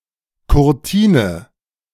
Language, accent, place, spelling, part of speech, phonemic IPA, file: German, Germany, Berlin, Kurtine, noun, /kʊʁˈtiːnə/, De-Kurtine.ogg
- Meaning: 1. curtain wall 2. middle curtain on a stage